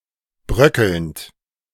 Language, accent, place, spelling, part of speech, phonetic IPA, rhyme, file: German, Germany, Berlin, bröckelnd, verb, [ˈbʁœkl̩nt], -œkl̩nt, De-bröckelnd.ogg
- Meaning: present participle of bröckeln